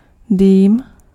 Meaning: smoke
- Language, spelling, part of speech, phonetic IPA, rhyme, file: Czech, dým, noun, [ˈdiːm], -iːm, Cs-dým.ogg